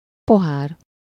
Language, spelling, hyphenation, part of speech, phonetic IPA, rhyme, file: Hungarian, pohár, po‧hár, noun, [ˈpoɦaːr], -aːr, Hu-pohár.ogg
- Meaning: glass (a drinking vessel)